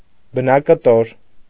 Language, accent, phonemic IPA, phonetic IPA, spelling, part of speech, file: Armenian, Eastern Armenian, /bənɑkəˈtoɾ/, [bənɑkətóɾ], բնակտոր, noun, Hy-բնակտոր.ogg
- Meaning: nugget